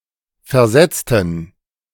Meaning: inflection of versetzt: 1. strong genitive masculine/neuter singular 2. weak/mixed genitive/dative all-gender singular 3. strong/weak/mixed accusative masculine singular 4. strong dative plural
- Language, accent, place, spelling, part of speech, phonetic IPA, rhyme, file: German, Germany, Berlin, versetzten, adjective / verb, [fɛɐ̯ˈzɛt͡stn̩], -ɛt͡stn̩, De-versetzten.ogg